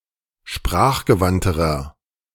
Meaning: inflection of sprachgewandt: 1. strong/mixed nominative masculine singular comparative degree 2. strong genitive/dative feminine singular comparative degree
- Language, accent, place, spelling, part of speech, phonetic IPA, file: German, Germany, Berlin, sprachgewandterer, adjective, [ˈʃpʁaːxɡəˌvantəʁɐ], De-sprachgewandterer.ogg